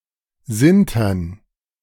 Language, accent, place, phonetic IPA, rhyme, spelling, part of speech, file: German, Germany, Berlin, [ˈzɪntɐn], -ɪntɐn, Sintern, noun, De-Sintern.ogg
- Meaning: dative plural of Sinter